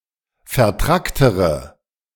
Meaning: inflection of vertrackt: 1. strong/mixed nominative/accusative feminine singular comparative degree 2. strong nominative/accusative plural comparative degree
- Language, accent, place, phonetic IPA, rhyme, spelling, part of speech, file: German, Germany, Berlin, [fɛɐ̯ˈtʁaktəʁə], -aktəʁə, vertracktere, adjective, De-vertracktere.ogg